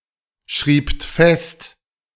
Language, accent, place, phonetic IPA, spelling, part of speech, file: German, Germany, Berlin, [ˌʃʁiːpt ˈfɛst], schriebt fest, verb, De-schriebt fest.ogg
- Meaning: second-person plural preterite of festschreiben